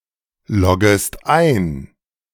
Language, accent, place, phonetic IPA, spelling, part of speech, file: German, Germany, Berlin, [ˌlɔɡəst ˈaɪ̯n], loggest ein, verb, De-loggest ein.ogg
- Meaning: second-person singular subjunctive I of einloggen